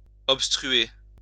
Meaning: to block off, to obstruct
- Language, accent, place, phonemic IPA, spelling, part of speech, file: French, France, Lyon, /ɔp.stʁy.e/, obstruer, verb, LL-Q150 (fra)-obstruer.wav